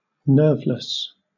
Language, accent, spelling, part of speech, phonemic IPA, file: English, Southern England, nerveless, adjective, /ˈnɜː(ɹ)vləs/, LL-Q1860 (eng)-nerveless.wav
- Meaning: 1. Lacking nerve: fearful; cowardly 2. Lacking a nervous system 3. Devoid of nerves: calm, controlled, cool under pressure